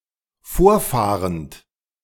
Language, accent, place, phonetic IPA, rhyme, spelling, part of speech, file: German, Germany, Berlin, [ˈfoːɐ̯ˌfaːʁənt], -oːɐ̯faːʁənt, vorfahrend, verb, De-vorfahrend.ogg
- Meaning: present participle of vorfahren